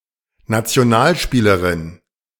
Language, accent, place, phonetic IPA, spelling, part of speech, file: German, Germany, Berlin, [nat͡si̯oˈnaːlˌʃpiːləʁɪn], Nationalspielerin, noun, De-Nationalspielerin.ogg
- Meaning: female national player (female member of a national sports team)